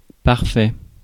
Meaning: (verb) past participle of parfaire; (adjective) perfect (exactly right); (noun) perfect tense
- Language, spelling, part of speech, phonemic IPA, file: French, parfait, verb / adjective / noun, /paʁ.fɛ/, Fr-parfait.ogg